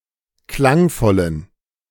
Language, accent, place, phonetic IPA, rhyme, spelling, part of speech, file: German, Germany, Berlin, [ˈklaŋˌfɔlən], -aŋfɔlən, klangvollen, adjective, De-klangvollen.ogg
- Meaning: inflection of klangvoll: 1. strong genitive masculine/neuter singular 2. weak/mixed genitive/dative all-gender singular 3. strong/weak/mixed accusative masculine singular 4. strong dative plural